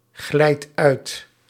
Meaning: inflection of uitglijden: 1. second/third-person singular present indicative 2. plural imperative
- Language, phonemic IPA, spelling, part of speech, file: Dutch, /ˈɣlɛit ˈœyt/, glijdt uit, verb, Nl-glijdt uit.ogg